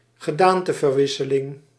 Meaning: shapeshifting, metamorphosis
- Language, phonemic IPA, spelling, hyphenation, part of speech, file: Dutch, /ɣəˈdaːn.tə.vərˌʋɪ.sə.lɪŋ/, gedaanteverwisseling, ge‧daan‧te‧ver‧wis‧se‧ling, noun, Nl-gedaanteverwisseling.ogg